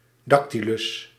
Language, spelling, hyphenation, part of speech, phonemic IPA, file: Dutch, dactylus, dac‧ty‧lus, noun, /ˈdɑk.ti.lʏs/, Nl-dactylus.ogg
- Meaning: dactyl